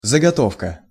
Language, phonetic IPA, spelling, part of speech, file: Russian, [zəɡɐˈtofkə], заготовка, noun, Ru-заготовка.ogg
- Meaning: 1. procurement 2. laying-in, stocking 3. workpiece, half-finished product 4. placeholder